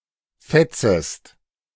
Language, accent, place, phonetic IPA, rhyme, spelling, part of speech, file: German, Germany, Berlin, [ˈfɛt͡səst], -ɛt͡səst, fetzest, verb, De-fetzest.ogg
- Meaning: second-person singular subjunctive I of fetzen